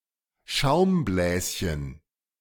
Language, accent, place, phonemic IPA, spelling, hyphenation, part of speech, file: German, Germany, Berlin, /ˈʃaʊ̯mˌblɛːsçən/, Schaumbläschen, Schaum‧bläs‧chen, noun, De-Schaumbläschen.ogg
- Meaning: diminutive of Schaumblase